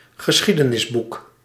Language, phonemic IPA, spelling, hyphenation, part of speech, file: Dutch, /ɣəˈsxi.də.nɪsˌbuk/, geschiedenisboek, ge‧schie‧de‧nis‧boek, noun, Nl-geschiedenisboek.ogg
- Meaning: a history book, especially a textbook for history as a school subject